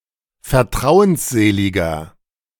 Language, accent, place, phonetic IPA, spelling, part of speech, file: German, Germany, Berlin, [fɛɐ̯ˈtʁaʊ̯ənsˌzeːlɪɡɐ], vertrauensseliger, adjective, De-vertrauensseliger.ogg
- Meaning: 1. comparative degree of vertrauensselig 2. inflection of vertrauensselig: strong/mixed nominative masculine singular 3. inflection of vertrauensselig: strong genitive/dative feminine singular